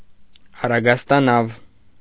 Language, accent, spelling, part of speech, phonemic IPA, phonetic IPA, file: Armenian, Eastern Armenian, առագաստանավ, noun, /ɑrɑɡɑstɑˈnɑv/, [ɑrɑɡɑstɑnɑ́v], Hy-առագաստանավ.ogg
- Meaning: sailing boat, sailboat, sailing ship